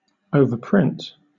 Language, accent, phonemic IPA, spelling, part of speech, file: English, Southern England, /ˌəʊvə(ɹ)ˈpɹɪnt/, overprint, verb, LL-Q1860 (eng)-overprint.wav
- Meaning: 1. To print over what has already been printed 2. To add an overprint to (a stamp)